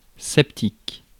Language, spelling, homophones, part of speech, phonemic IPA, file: French, septique, sceptique, adjective, /sɛp.tik/, Fr-septique.ogg
- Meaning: 1. septic 2. infected